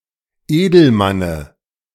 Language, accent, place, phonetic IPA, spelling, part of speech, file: German, Germany, Berlin, [ˈeːdl̩ˌmanə], Edelmanne, noun, De-Edelmanne.ogg
- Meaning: dative singular of Edelmann